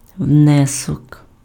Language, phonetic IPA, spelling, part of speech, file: Ukrainian, [ˈwnɛsɔk], внесок, noun, Uk-внесок.ogg
- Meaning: 1. installment, payment (one of serial) 2. deposit (money or other asset given as an initial payment) 3. contribution (to: у / в + accusative) 4. dues, membership fee 5. donation